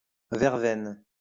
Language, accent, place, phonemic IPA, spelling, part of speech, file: French, France, Lyon, /vɛʁ.vɛn/, verveine, noun, LL-Q150 (fra)-verveine.wav
- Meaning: 1. vervain, verbena 2. verbena tea; vervain liqueur